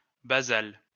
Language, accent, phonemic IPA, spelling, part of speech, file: French, France, /ba.zal/, basal, adjective, LL-Q150 (fra)-basal.wav
- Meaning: basal